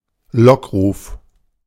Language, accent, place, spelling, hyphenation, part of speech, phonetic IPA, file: German, Germany, Berlin, Lockruf, Lock‧ruf, noun, [ˈlɔkˌʁuːf], De-Lockruf.ogg
- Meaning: 1. siren call 2. mating call